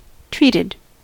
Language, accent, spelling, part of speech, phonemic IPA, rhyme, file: English, US, treated, verb / adjective, /ˈtɹiːtɪd/, -iːtɪd, En-us-treated.ogg
- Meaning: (verb) simple past and past participle of treat; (adjective) Subject to treatment or an action